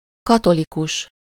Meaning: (adjective) Catholic; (noun) Catholic (a member of a Catholic church)
- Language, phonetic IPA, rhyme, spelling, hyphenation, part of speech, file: Hungarian, [ˈkɒtolikuʃ], -uʃ, katolikus, ka‧to‧li‧kus, adjective / noun, Hu-katolikus.ogg